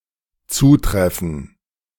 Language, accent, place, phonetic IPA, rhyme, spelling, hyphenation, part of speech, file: German, Germany, Berlin, [ˈt͡suːˌtʁɛfn̩], -ɛfn̩, zutreffen, zu‧tref‧fen, verb, De-zutreffen.ogg
- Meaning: to apply to, be applicable to